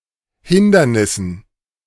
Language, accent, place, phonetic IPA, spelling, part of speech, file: German, Germany, Berlin, [ˈhɪndɐnɪsn̩], Hindernissen, noun, De-Hindernissen.ogg
- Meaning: dative plural of Hindernis